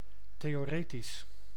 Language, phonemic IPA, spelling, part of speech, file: Dutch, /ˌteɔːˈretis/, theoretisch, adjective, Nl-theoretisch.ogg
- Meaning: theoretical